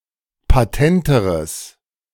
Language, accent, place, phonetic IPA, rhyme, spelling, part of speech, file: German, Germany, Berlin, [paˈtɛntəʁəs], -ɛntəʁəs, patenteres, adjective, De-patenteres.ogg
- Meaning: strong/mixed nominative/accusative neuter singular comparative degree of patent